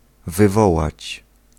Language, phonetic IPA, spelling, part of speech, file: Polish, [vɨˈvɔwat͡ɕ], wywołać, verb, Pl-wywołać.ogg